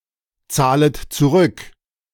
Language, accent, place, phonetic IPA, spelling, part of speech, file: German, Germany, Berlin, [ˌt͡saːlət t͡suˈʁʏk], zahlet zurück, verb, De-zahlet zurück.ogg
- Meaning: second-person plural subjunctive I of zurückzahlen